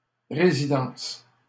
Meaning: residence (place where one resides)
- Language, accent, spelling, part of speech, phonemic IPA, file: French, Canada, résidence, noun, /ʁe.zi.dɑ̃s/, LL-Q150 (fra)-résidence.wav